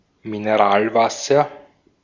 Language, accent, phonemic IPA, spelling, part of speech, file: German, Austria, /mɪnəˈʁaːlˌvasɐ/, Mineralwasser, noun, De-at-Mineralwasser.ogg
- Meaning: mineral water, carbonated water